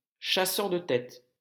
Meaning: alternative spelling of chasseur de têtes
- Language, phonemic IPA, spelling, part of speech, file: French, /ʃa.sœʁ də tɛt/, chasseur de tête, noun, LL-Q150 (fra)-chasseur de tête.wav